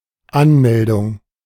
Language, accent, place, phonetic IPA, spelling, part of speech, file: German, Germany, Berlin, [ˈanˌmɛldʊŋ], Anmeldung, noun, De-Anmeldung.ogg
- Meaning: 1. application 2. announcement, booking, registration 3. login, logon 4. reporting 5. place where one signs up or registers